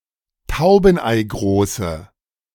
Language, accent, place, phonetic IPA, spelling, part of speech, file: German, Germany, Berlin, [ˈtaʊ̯bn̩ʔaɪ̯ˌɡʁoːsə], taubeneigroße, adjective, De-taubeneigroße.ogg
- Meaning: inflection of taubeneigroß: 1. strong/mixed nominative/accusative feminine singular 2. strong nominative/accusative plural 3. weak nominative all-gender singular